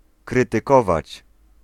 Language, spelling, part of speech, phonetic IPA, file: Polish, krytykować, verb, [ˌkrɨtɨˈkɔvat͡ɕ], Pl-krytykować.ogg